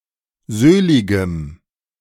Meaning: strong dative masculine/neuter singular of söhlig
- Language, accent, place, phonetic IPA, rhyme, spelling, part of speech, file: German, Germany, Berlin, [ˈzøːlɪɡəm], -øːlɪɡəm, söhligem, adjective, De-söhligem.ogg